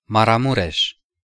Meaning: 1. a region of Romania 2. a county of Romania
- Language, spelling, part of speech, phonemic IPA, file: Romanian, Maramureș, proper noun, /maraˈmureʃ/, Ro-Maramureș.ogg